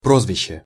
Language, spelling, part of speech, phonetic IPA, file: Russian, прозвище, noun, [ˈprozvʲɪɕːe], Ru-прозвище.ogg
- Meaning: 1. nickname, sobriquet, byname, cognomen, soubriquet 2. alias (another name; an assumed name) 3. surname